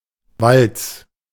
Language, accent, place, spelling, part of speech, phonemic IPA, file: German, Germany, Berlin, Walz, noun / proper noun, /valts/, De-Walz.ogg
- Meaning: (noun) journeyman years (time spent as a journeyman craftsman); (proper noun) a surname